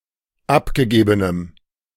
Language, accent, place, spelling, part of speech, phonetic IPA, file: German, Germany, Berlin, abgegebenem, adjective, [ˈapɡəˌɡeːbənəm], De-abgegebenem.ogg
- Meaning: strong dative masculine/neuter singular of abgegeben